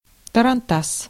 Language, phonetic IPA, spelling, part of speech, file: Russian, [tərɐnˈtas], тарантас, noun, Ru-тарантас.ogg
- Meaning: 1. tarantass (a low horse-drawn carriage without springs used in Russia) 2. clunker, rustbucket (an old, broken car or other vehicle)